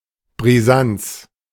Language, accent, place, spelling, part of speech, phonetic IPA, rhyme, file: German, Germany, Berlin, Brisanz, noun, [bʁiˈzant͡s], -ant͡s, De-Brisanz.ogg
- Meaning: 1. brisance 2. explosiveness